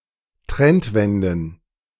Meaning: plural of Trendwende
- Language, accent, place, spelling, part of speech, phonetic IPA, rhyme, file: German, Germany, Berlin, Trendwenden, noun, [ˈtʁɛntˌvɛndn̩], -ɛntvɛndn̩, De-Trendwenden.ogg